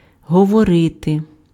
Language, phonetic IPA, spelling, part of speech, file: Ukrainian, [ɦɔwɔˈrɪte], говорити, verb, Uk-говорити.ogg
- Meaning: 1. to speak, to talk 2. to tell, to say